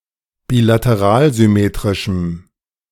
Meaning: strong dative masculine/neuter singular of bilateralsymmetrisch
- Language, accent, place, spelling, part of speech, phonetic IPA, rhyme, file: German, Germany, Berlin, bilateralsymmetrischem, adjective, [biːlatəˈʁaːlzʏˌmeːtʁɪʃm̩], -aːlzʏmeːtʁɪʃm̩, De-bilateralsymmetrischem.ogg